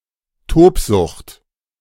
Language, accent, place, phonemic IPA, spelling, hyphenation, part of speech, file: German, Germany, Berlin, /ˈtoːpˌzʊxt/, Tobsucht, Tob‧sucht, noun, De-Tobsucht.ogg
- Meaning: maniacal rage